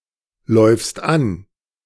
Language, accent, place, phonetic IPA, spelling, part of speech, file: German, Germany, Berlin, [ˌlɔɪ̯fst ˈan], läufst an, verb, De-läufst an.ogg
- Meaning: second-person singular present of anlaufen